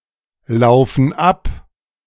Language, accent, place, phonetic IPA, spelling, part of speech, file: German, Germany, Berlin, [ˌlaʊ̯fn̩ ˈap], laufen ab, verb, De-laufen ab.ogg
- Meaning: inflection of ablaufen: 1. first/third-person plural present 2. first/third-person plural subjunctive I